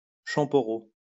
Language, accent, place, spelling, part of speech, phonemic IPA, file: French, France, Lyon, champoreau, noun, /ʃɑ̃.pɔ.ʁo/, LL-Q150 (fra)-champoreau.wav
- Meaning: a mixture of coffee and wine (or other alcohol)